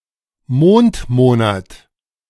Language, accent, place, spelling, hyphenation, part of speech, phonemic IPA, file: German, Germany, Berlin, Mondmonat, Mond‧mo‧nat, noun, /ˈmoːntˌmoːnat/, De-Mondmonat.ogg
- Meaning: lunar month